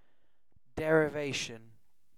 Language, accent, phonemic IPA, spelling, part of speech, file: English, UK, /ˌdɛ.ɹɪˈveɪ.ʃ(ə)n/, derivation, noun, En-uk-derivation.ogg
- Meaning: A leading or drawing off of water from a stream or source